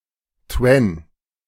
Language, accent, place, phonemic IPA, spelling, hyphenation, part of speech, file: German, Germany, Berlin, /tvɛn/, Twen, Twen, noun, De-Twen.ogg
- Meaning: twentysomething